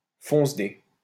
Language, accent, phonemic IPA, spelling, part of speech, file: French, France, /fɔ̃s.de/, foncedé, adjective / noun / verb, LL-Q150 (fra)-foncedé.wav
- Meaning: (adjective) very drunk, screwed up; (noun) stoner, druggie; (verb) past participle of fonceder